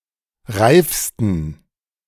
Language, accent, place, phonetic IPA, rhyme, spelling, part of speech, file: German, Germany, Berlin, [ˈʁaɪ̯fstn̩], -aɪ̯fstn̩, reifsten, adjective, De-reifsten.ogg
- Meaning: 1. superlative degree of reif 2. inflection of reif: strong genitive masculine/neuter singular superlative degree